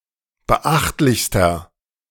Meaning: inflection of beachtlich: 1. strong/mixed nominative masculine singular superlative degree 2. strong genitive/dative feminine singular superlative degree 3. strong genitive plural superlative degree
- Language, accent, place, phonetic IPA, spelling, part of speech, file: German, Germany, Berlin, [bəˈʔaxtlɪçstɐ], beachtlichster, adjective, De-beachtlichster.ogg